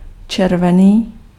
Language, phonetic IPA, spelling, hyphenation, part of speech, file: Czech, [ˈt͡ʃɛrvɛniː], červený, čer‧ve‧ný, adjective, Cs-červený.ogg
- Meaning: red